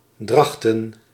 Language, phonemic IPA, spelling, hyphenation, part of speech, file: Dutch, /ˈdrɑx.tə(n)/, Drachten, Drach‧ten, proper noun, Nl-Drachten.ogg
- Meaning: a town and former municipality of Smallingerland, Friesland, Netherlands